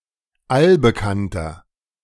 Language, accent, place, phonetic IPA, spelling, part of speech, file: German, Germany, Berlin, [ˈalbəˌkantɐ], allbekannter, adjective, De-allbekannter.ogg
- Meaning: inflection of allbekannt: 1. strong/mixed nominative masculine singular 2. strong genitive/dative feminine singular 3. strong genitive plural